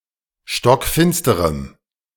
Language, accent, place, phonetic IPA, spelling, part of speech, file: German, Germany, Berlin, [ʃtɔkˈfɪnstəʁəm], stockfinsterem, adjective, De-stockfinsterem.ogg
- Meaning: strong dative masculine/neuter singular of stockfinster